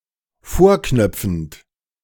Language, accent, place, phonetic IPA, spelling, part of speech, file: German, Germany, Berlin, [ˈfoːɐ̯ˌknœp͡fn̩t], vorknöpfend, verb, De-vorknöpfend.ogg
- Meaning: present participle of vorknöpfen